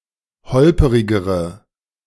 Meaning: inflection of holperig: 1. strong/mixed nominative/accusative feminine singular comparative degree 2. strong nominative/accusative plural comparative degree
- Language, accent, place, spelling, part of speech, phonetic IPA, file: German, Germany, Berlin, holperigere, adjective, [ˈhɔlpəʁɪɡəʁə], De-holperigere.ogg